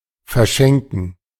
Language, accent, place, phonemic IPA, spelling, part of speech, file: German, Germany, Berlin, /fɛɐ̯ˈʃɛŋkn̩/, verschenken, verb, De-verschenken.ogg
- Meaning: to give away, to throw away